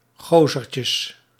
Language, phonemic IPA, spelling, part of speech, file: Dutch, /ˈɣozərcəs/, gozertjes, noun, Nl-gozertjes.ogg
- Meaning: plural of gozertje